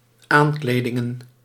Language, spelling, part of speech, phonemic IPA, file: Dutch, aankledingen, noun, /ˈaɲkledɪŋə(n)/, Nl-aankledingen.ogg
- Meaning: plural of aankleding